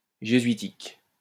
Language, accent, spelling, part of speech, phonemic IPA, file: French, France, jésuitique, adjective, /ʒe.zɥi.tik/, LL-Q150 (fra)-jésuitique.wav
- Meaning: Jesuitic, Jesuitical